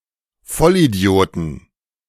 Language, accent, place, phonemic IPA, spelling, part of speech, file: German, Germany, Berlin, /ˈfɔlʔiˌdi̯oːtn̩/, Vollidioten, noun, De-Vollidioten.ogg
- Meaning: 1. plural of Vollidiot 2. genitive singular of Vollidiot 3. dative singular of Vollidiot 4. accusative singular of Vollidiot